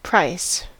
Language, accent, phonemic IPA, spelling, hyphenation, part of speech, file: English, US, /ˈpɹaɪ̯s/, price, price, noun / verb, En-us-price.ogg
- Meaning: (noun) 1. The cost required to gain possession of something 2. The cost of an action or deed 3. Value; estimation; excellence; worth